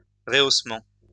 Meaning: 1. reraising 2. emphasizing
- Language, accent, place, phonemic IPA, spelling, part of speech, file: French, France, Lyon, /ʁə.os.mɑ̃/, rehaussement, noun, LL-Q150 (fra)-rehaussement.wav